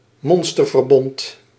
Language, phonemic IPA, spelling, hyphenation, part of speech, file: Dutch, /ˈmɔn.stər.vərˌbɔnt/, monsterverbond, mon‧ster‧ver‧bond, noun, Nl-monsterverbond.ogg
- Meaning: an alliance or other form of cooperation between opponents to take on a common enemy, an unholy alliance